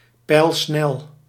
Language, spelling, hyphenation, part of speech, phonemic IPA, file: Dutch, pijlsnel, pijl‧snel, adjective, /pɛi̯lˈsnɛl/, Nl-pijlsnel.ogg
- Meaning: very fast, lightning fast